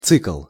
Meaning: cycle (process)
- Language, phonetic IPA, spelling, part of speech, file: Russian, [t͡sɨkɫ], цикл, noun, Ru-цикл.ogg